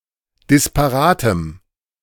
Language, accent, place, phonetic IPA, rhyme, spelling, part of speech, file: German, Germany, Berlin, [dɪspaˈʁaːtəm], -aːtəm, disparatem, adjective, De-disparatem.ogg
- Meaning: strong dative masculine/neuter singular of disparat